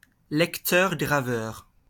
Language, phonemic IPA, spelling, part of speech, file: French, /ɡʁa.vœʁ/, graveur, noun, LL-Q150 (fra)-graveur.wav
- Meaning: 1. engraver 2. burner (optical disc)